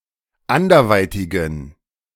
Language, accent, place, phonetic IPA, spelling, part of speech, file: German, Germany, Berlin, [ˈandɐˌvaɪ̯tɪɡn̩], anderweitigen, adjective, De-anderweitigen.ogg
- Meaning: inflection of anderweitig: 1. strong genitive masculine/neuter singular 2. weak/mixed genitive/dative all-gender singular 3. strong/weak/mixed accusative masculine singular 4. strong dative plural